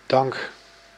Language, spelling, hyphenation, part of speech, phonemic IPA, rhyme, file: Dutch, dank, dank, noun / verb, /dɑŋk/, -ɑŋk, Nl-dank.ogg
- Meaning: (noun) 1. gratitude, thanks 2. show/token of recognition 3. reward, recompense; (verb) inflection of danken: 1. first-person singular present indicative 2. second-person singular present indicative